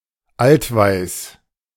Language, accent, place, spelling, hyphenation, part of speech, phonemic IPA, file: German, Germany, Berlin, altweiß, alt‧weiß, adjective, /ˈaltˌvaɪs/, De-altweiß.ogg
- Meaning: aged and hence slightly discoloured white, off-white